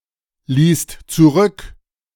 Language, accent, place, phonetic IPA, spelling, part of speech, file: German, Germany, Berlin, [ˌliːst t͡suˈʁʏk], ließt zurück, verb, De-ließt zurück.ogg
- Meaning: second-person singular/plural preterite of zurücklassen